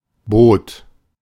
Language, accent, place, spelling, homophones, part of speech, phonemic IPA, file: German, Germany, Berlin, Boot, bot, noun, /boːt/, De-Boot.ogg
- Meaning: boat